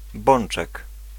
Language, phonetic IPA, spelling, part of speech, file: Polish, [ˈbɔ̃n͇t͡ʃɛk], bączek, noun, Pl-bączek.ogg